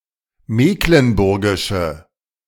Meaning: inflection of mecklenburgisch: 1. strong/mixed nominative/accusative feminine singular 2. strong nominative/accusative plural 3. weak nominative all-gender singular
- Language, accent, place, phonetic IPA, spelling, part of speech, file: German, Germany, Berlin, [ˈmeːklənˌbʊʁɡɪʃə], mecklenburgische, adjective, De-mecklenburgische.ogg